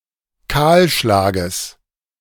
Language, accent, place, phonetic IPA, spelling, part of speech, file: German, Germany, Berlin, [ˈkaːlˌʃlaːɡəs], Kahlschlages, noun, De-Kahlschlages.ogg
- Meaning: genitive singular of Kahlschlag